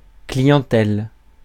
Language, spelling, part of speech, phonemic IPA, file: French, clientèle, noun, /kli.jɑ̃.tɛl/, Fr-clientèle.ogg
- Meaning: clientele (body of clients)